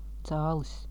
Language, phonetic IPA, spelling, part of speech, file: Latvian, [tsāːlis], cālis, noun, Lv-cālis.ogg
- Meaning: chick (baby or young bird, especially chicken)